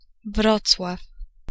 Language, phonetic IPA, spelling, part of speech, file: Polish, [ˈvrɔt͡swaf], Wrocław, proper noun, Pl-Wrocław.ogg